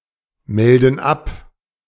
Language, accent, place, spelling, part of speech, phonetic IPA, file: German, Germany, Berlin, melden ab, verb, [ˌmɛldn̩ ˈap], De-melden ab.ogg
- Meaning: inflection of abmelden: 1. first/third-person plural present 2. first/third-person plural subjunctive I